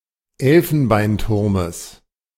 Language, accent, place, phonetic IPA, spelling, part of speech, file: German, Germany, Berlin, [ˈɛlfn̩baɪ̯nˌtʊʁməs], Elfenbeinturmes, noun, De-Elfenbeinturmes.ogg
- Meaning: genitive singular of Elfenbeinturm